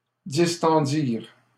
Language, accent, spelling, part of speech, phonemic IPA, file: French, Canada, distendirent, verb, /dis.tɑ̃.diʁ/, LL-Q150 (fra)-distendirent.wav
- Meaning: third-person plural past historic of distendre